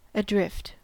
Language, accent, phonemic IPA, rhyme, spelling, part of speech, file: English, US, /əˈdɹɪft/, -ɪft, adrift, adjective / adverb, En-us-adrift.ogg
- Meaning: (adjective) 1. Floating at random 2. Absent from his watch 3. Behind one's opponents, or below a required threshold in terms of score, number or position